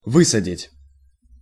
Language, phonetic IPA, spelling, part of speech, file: Russian, [ˈvɨsədʲɪtʲ], высадить, verb, Ru-высадить.ogg
- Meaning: 1. to set down, to put ashore, to disembark, to land, to put off, to drop off 2. to smash, to break in, to break open 3. to transplant, to bed out